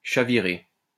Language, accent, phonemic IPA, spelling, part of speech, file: French, France, /ʃa.vi.ʁe/, chavirer, verb, LL-Q150 (fra)-chavirer.wav
- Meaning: 1. to capsize 2. to overturn, keel over, tip over (of objects etc.) 3. to roll (of eyes); to reel, spin (of room etc.); to turn over (of heart) 4. to bowl over, shatter (someone)